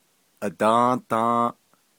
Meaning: yesterday
- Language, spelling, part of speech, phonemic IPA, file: Navajo, adą́ą́dą́ą́ʼ, adverb, /ʔɑ̀tɑ̃́ːtɑ̃́ːʔ/, Nv-adą́ą́dą́ą́ʼ.ogg